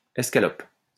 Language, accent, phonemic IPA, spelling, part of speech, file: French, France, /ɛs.ka.lɔp/, escalope, noun, LL-Q150 (fra)-escalope.wav
- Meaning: escalope (thin slice of meat)